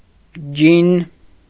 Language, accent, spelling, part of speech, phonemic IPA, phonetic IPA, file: Armenian, Eastern Armenian, ջին, noun, /d͡ʒin/, [d͡ʒin], Hy-ջին.ogg
- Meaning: gin